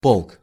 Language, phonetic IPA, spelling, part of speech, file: Russian, [poɫk], полк, noun, Ru-полк.ogg
- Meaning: 1. regiment 2. host, army 3. army, multitude (a great number)